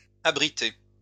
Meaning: feminine plural of abrité
- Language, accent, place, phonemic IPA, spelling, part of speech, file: French, France, Lyon, /a.bʁi.te/, abritées, verb, LL-Q150 (fra)-abritées.wav